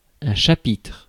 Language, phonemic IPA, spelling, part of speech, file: French, /ʃa.pitʁ/, chapitre, noun, Fr-chapitre.ogg
- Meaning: 1. chapter 2. subject, issue